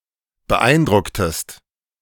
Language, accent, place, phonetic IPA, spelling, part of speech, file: German, Germany, Berlin, [bəˈʔaɪ̯nˌdʁʊktəst], beeindrucktest, verb, De-beeindrucktest.ogg
- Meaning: inflection of beeindrucken: 1. second-person singular preterite 2. second-person singular subjunctive II